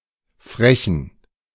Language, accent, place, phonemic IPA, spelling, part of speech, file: German, Germany, Berlin, /ˈfʁɛçn̩/, Frechen, proper noun, De-Frechen.ogg
- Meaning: a town in Rhineland, North Rhine-Westphalia, Germany